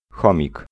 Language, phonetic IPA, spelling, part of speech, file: Polish, [ˈxɔ̃mʲik], chomik, noun, Pl-chomik.ogg